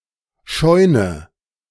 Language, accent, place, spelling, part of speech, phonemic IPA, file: German, Germany, Berlin, Scheune, noun, /ˈʃɔʏ̯nə/, De-Scheune.ogg
- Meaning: barn